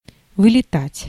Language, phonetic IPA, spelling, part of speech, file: Russian, [vɨlʲɪˈtatʲ], вылетать, verb, Ru-вылетать.ogg
- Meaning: 1. to fly out, to fly (from a place) 2. to crash